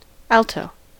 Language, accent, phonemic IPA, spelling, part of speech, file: English, US, /ˈæl.toʊ/, alto, noun, En-us-alto.ogg
- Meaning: A musical part or section higher than tenor and lower than soprano, formerly the part that performed a countermelody above the tenor or main melody